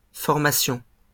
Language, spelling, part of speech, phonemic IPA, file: French, formation, noun, /fɔʁ.ma.sjɔ̃/, LL-Q150 (fra)-formation.wav
- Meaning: 1. formation, forming, development 2. education; training 3. formation